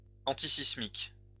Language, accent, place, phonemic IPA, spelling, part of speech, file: French, France, Lyon, /ɑ̃.ti.sis.mik/, antisismique, adjective, LL-Q150 (fra)-antisismique.wav
- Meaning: earthquake-proof/-resistant